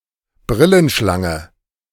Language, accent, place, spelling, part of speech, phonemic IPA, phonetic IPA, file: German, Germany, Berlin, Brillenschlange, noun, /ˈbʁɪlənˌʃlaŋə/, [ˈbʁɪln̩ˌʃlaŋə], De-Brillenschlange.ogg
- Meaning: 1. Indian cobra 2. someone wearing glasses